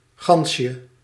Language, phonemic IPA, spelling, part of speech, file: Dutch, /ˈɣɑnʃə/, gansje, noun, Nl-gansje.ogg
- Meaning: diminutive of gans